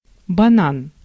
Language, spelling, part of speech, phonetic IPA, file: Russian, банан, noun, [bɐˈnan], Ru-банан.ogg
- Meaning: 1. banana (tree or fruit) 2. joint of marijuana